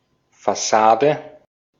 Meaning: facade
- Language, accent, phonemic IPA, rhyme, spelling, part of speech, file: German, Austria, /fa.saːdə/, -aːdə, Fassade, noun, De-at-Fassade.ogg